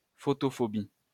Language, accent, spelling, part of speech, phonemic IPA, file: French, France, photophobie, noun, /fɔ.tɔ.fɔ.bi/, LL-Q150 (fra)-photophobie.wav
- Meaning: photophobia (excessive sensitivity to light)